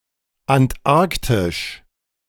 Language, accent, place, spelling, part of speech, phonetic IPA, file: German, Germany, Berlin, antarktisch, adjective, [antˈʔaʁktɪʃ], De-antarktisch.ogg
- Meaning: Antarctic